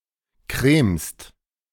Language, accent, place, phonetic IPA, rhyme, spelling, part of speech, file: German, Germany, Berlin, [kʁeːmst], -eːmst, cremst, verb, De-cremst.ogg
- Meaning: second-person singular present of cremen